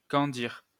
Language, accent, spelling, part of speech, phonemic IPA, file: French, France, candir, verb, /kɑ̃.diʁ/, LL-Q150 (fra)-candir.wav
- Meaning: 1. to crystallize 2. to cover with crystallized sugar